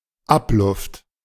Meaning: exhaust air, used air
- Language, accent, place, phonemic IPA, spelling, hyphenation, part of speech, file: German, Germany, Berlin, /ˈapˌlʊft/, Abluft, Ab‧luft, noun, De-Abluft.ogg